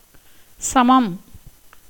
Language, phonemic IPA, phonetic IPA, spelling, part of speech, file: Tamil, /tʃɐmɐm/, [sɐmɐm], சமம், noun, Ta-சமம்.ogg
- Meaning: 1. likeness, similarity, equality 2. like or similar object 3. impartiality, fairness 4. even number 5. evenness, levelness 6. stanza in which all the lines have the same number of feet 7. war, battle